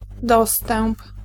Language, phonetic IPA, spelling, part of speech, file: Polish, [ˈdɔstɛ̃mp], dostęp, noun, Pl-dostęp.ogg